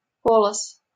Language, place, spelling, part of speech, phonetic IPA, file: Russian, Saint Petersburg, полоз, noun, [ˈpoɫəs], LL-Q7737 (rus)-полоз.wav
- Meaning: 1. runner (smooth, flat surface, bent upward in the front, used for sliding on ice) 2. racer (snake)